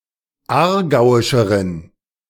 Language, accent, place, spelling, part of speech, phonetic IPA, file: German, Germany, Berlin, aargauischeren, adjective, [ˈaːɐ̯ˌɡaʊ̯ɪʃəʁən], De-aargauischeren.ogg
- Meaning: inflection of aargauisch: 1. strong genitive masculine/neuter singular comparative degree 2. weak/mixed genitive/dative all-gender singular comparative degree